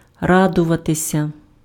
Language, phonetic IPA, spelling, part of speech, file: Ukrainian, [ˈradʊʋɐtesʲɐ], радуватися, verb, Uk-радуватися.ogg
- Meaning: to rejoice, to exult, to jubilate, to be glad